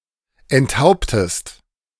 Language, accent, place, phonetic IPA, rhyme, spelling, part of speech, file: German, Germany, Berlin, [ɛntˈhaʊ̯ptəst], -aʊ̯ptəst, enthauptest, verb, De-enthauptest.ogg
- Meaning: inflection of enthaupten: 1. second-person singular present 2. second-person singular subjunctive I